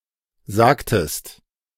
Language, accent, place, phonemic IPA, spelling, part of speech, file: German, Germany, Berlin, /ˈzaːktəst/, sagtest, verb, De-sagtest.ogg
- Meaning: inflection of sagen: 1. second-person singular preterite 2. second-person singular subjunctive II